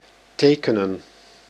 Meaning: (verb) 1. to draw (by pencil) 2. to sign (write a signature); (noun) plural of teken
- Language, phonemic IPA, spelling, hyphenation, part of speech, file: Dutch, /ˈteːkənə(n)/, tekenen, te‧ke‧nen, verb / noun, Nl-tekenen.ogg